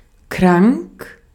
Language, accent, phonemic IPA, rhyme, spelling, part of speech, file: German, Austria, /kʁaŋk/, -aŋk, krank, adjective, De-at-krank.ogg
- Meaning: 1. ill, sick (in bad health) 2. sick, morally or mentally degenerate 3. very interesting or unusual (in the positive or negative); sick